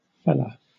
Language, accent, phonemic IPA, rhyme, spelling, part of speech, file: English, Southern England, /fɛ.lə/, -ɛlə, fella, noun, LL-Q1860 (eng)-fella.wav
- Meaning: 1. Pronunciation spelling of fellow 2. Used as a general intensifier; a pfella 3. An Internet troll engaged in information warfare against Russia, especially with regard to the Russo-Ukrainian war